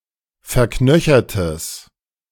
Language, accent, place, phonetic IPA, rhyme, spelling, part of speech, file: German, Germany, Berlin, [fɛɐ̯ˈknœçɐtəs], -œçɐtəs, verknöchertes, adjective, De-verknöchertes.ogg
- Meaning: strong/mixed nominative/accusative neuter singular of verknöchert